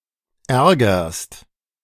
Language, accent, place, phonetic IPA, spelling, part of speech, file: German, Germany, Berlin, [ˈɛʁɡɐst], ärgerst, verb, De-ärgerst.ogg
- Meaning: second-person singular present of ärgern